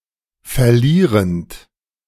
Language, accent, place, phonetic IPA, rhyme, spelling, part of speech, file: German, Germany, Berlin, [fɛɐ̯ˈliːʁənt], -iːʁənt, verlierend, verb, De-verlierend.ogg
- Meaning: present participle of verlieren